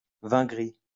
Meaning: a kind of rosé wine made from red grapes, in particular Pinot Noir
- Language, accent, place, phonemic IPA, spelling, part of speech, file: French, France, Lyon, /vɛ̃ ɡʁi/, vin gris, noun, LL-Q150 (fra)-vin gris.wav